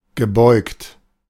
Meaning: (verb) past participle of beugen; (adjective) bent
- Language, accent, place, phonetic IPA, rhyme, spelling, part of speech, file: German, Germany, Berlin, [ɡəˈbɔɪ̯kt], -ɔɪ̯kt, gebeugt, verb, De-gebeugt.ogg